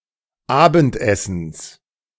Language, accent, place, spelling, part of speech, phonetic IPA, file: German, Germany, Berlin, Abendessens, noun, [ˈaːbn̩tˌʔɛsn̩s], De-Abendessens.ogg
- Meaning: genitive singular of Abendessen